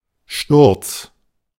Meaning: 1. fall 2. architrave, lintel 3. clipping of Radsturz or Achssturz (“camber angle”)
- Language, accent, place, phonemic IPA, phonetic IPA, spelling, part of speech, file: German, Germany, Berlin, /ʃtʊʁts/, [ʃtʊɐ̯ts], Sturz, noun, De-Sturz.ogg